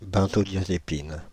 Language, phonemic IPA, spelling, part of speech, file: French, /bɛ̃.zɔ.dja.ze.pin/, benzodiazépine, noun, Fr-benzodiazépine.ogg
- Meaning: benzodiazepine